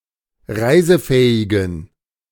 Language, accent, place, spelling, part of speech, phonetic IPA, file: German, Germany, Berlin, reisefähigen, adjective, [ˈʁaɪ̯zəˌfɛːɪɡn̩], De-reisefähigen.ogg
- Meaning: inflection of reisefähig: 1. strong genitive masculine/neuter singular 2. weak/mixed genitive/dative all-gender singular 3. strong/weak/mixed accusative masculine singular 4. strong dative plural